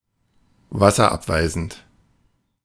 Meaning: water repellent
- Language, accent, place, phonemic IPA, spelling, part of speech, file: German, Germany, Berlin, /ˈvasɐˌʔapvaɪ̯zn̩t/, wasserabweisend, adjective, De-wasserabweisend.ogg